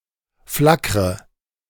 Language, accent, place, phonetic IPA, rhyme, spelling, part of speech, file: German, Germany, Berlin, [ˈflakʁə], -akʁə, flackre, verb, De-flackre.ogg
- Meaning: inflection of flackern: 1. first-person singular present 2. first/third-person singular subjunctive I 3. singular imperative